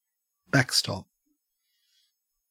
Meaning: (noun) 1. An object or a person put in the rear or in the back of something to reinforce, hold, support 2. A default arrangement that holds if all else fails 3. A wall or fence behind home plate
- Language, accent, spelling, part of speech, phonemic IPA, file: English, Australia, backstop, noun / verb, /ˈbæk.stɒp/, En-au-backstop.ogg